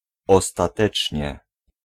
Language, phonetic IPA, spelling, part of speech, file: Polish, [ˌɔstaˈtɛt͡ʃʲɲɛ], ostatecznie, adverb, Pl-ostatecznie.ogg